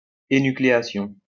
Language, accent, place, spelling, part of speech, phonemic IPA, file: French, France, Lyon, énucléation, noun, /e.ny.kle.a.sjɔ̃/, LL-Q150 (fra)-énucléation.wav
- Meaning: enucleation